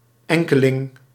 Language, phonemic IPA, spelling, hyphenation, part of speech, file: Dutch, /ˈɛŋ.kəˌlɪŋ/, enkeling, en‧ke‧ling, noun, Nl-enkeling.ogg
- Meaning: 1. single person, individual 2. some person or other, some people